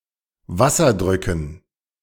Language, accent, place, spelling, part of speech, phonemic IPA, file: German, Germany, Berlin, Wasserdrücken, noun, /ˈvasɐˌdʁʏkn̩/, De-Wasserdrücken.ogg
- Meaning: dative plural of Wasserdruck